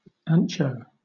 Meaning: A broad, flat, dried poblano pepper, often ground into a powder
- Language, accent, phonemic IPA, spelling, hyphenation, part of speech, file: English, Southern England, /ˈɑːnt͡ʃəʊ/, ancho, an‧cho, noun, LL-Q1860 (eng)-ancho.wav